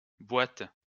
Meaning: plural of boite
- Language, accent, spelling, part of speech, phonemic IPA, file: French, France, boites, noun, /bwat/, LL-Q150 (fra)-boites.wav